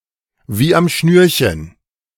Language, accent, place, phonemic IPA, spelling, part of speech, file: German, Germany, Berlin, /ˌviː.amˈʃnyːr.çən/, wie am Schnürchen, prepositional phrase, De-wie am Schnürchen.ogg
- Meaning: just as planned; without a hitch; like clockwork